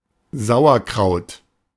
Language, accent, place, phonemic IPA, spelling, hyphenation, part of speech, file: German, Germany, Berlin, /ˈzaʊ̯ɐkʁaʊ̯t/, Sauerkraut, Sau‧er‧kraut, noun, De-Sauerkraut.ogg
- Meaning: sauerkraut